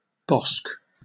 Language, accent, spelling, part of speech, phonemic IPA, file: English, Received Pronunciation, bosk, noun, /bɒsk/, En-uk-bosk.oga
- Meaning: 1. A bush 2. A thicket; a small wood